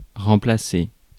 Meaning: to replace
- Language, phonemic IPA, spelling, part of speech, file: French, /ʁɑ̃.pla.se/, remplacer, verb, Fr-remplacer.ogg